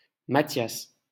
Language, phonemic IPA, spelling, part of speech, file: French, /ma.tjas/, Mathias, proper noun, LL-Q150 (fra)-Mathias.wav
- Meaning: a male given name, variant of Matthias